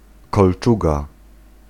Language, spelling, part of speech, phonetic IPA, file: Polish, kolczuga, noun, [kɔlˈt͡ʃuɡa], Pl-kolczuga.ogg